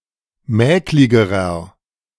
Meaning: inflection of mäklig: 1. strong/mixed nominative masculine singular comparative degree 2. strong genitive/dative feminine singular comparative degree 3. strong genitive plural comparative degree
- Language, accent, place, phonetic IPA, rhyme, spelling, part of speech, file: German, Germany, Berlin, [ˈmɛːklɪɡəʁɐ], -ɛːklɪɡəʁɐ, mäkligerer, adjective, De-mäkligerer.ogg